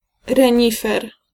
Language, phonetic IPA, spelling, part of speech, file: Polish, [rɛ̃ˈɲifɛr], renifer, noun, Pl-renifer.ogg